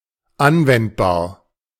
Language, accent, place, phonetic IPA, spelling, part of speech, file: German, Germany, Berlin, [ˈanvɛntbaːɐ̯], anwendbar, adjective, De-anwendbar.ogg
- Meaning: applicable